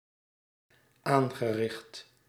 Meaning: past participle of aanrichten
- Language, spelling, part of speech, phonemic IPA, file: Dutch, aangericht, verb / adjective, /ˈaŋɣəˌrɪxt/, Nl-aangericht.ogg